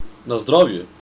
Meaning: 1. Cheers, said before sharing a drink 2. Gesundheit, bless you; said after someone sneezes 3. said while someone is eating or drinking or after they have finished (but not before they have started)
- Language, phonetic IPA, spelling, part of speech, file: Macedonian, [na ˈzdravjɛ], на здравје, interjection, Na zdravje.ogg